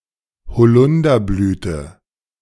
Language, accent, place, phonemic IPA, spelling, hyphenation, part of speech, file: German, Germany, Berlin, /hoˈlʊndɐblyːtə/, Holunderblüte, Ho‧lun‧der‧blü‧te, noun, De-Holunderblüte.ogg
- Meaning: elderflower, elder blossom (The blossom of the elderberry, often specifically the European species Sambucus nigra.)